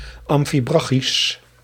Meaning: amphibrachic
- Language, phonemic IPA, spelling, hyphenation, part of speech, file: Dutch, /ˌɑm.fiˈbrɑ.xis/, amfibrachisch, am‧fi‧bra‧chisch, adjective, Nl-amfibrachisch.ogg